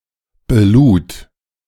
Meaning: first/third-person singular preterite of beladen
- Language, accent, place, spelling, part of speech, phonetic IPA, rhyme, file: German, Germany, Berlin, belud, verb, [bəˈluːt], -uːt, De-belud.ogg